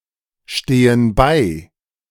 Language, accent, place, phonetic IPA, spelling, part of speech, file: German, Germany, Berlin, [ˌʃteːən ˈbaɪ̯], stehen bei, verb, De-stehen bei.ogg
- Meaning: inflection of beistehen: 1. first/third-person plural present 2. first/third-person plural subjunctive I